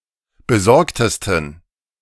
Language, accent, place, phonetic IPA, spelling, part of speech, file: German, Germany, Berlin, [bəˈzɔʁktəstn̩], besorgtesten, adjective, De-besorgtesten.ogg
- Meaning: 1. superlative degree of besorgt 2. inflection of besorgt: strong genitive masculine/neuter singular superlative degree